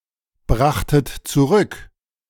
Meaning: second-person plural preterite of zurückbringen
- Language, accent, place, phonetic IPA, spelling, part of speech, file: German, Germany, Berlin, [ˌbʁaxtət t͡suˈʁʏk], brachtet zurück, verb, De-brachtet zurück.ogg